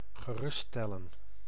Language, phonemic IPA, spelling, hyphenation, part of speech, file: Dutch, /ɣəˈrʏststɛlə(n)/, geruststellen, ge‧rust‧stel‧len, verb, Nl-geruststellen.ogg
- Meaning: to put at ease, reassure